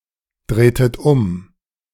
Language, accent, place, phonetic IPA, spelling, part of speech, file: German, Germany, Berlin, [ˌdʁeːtət ˈʊm], drehtet um, verb, De-drehtet um.ogg
- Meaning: inflection of umdrehen: 1. second-person plural preterite 2. second-person plural subjunctive II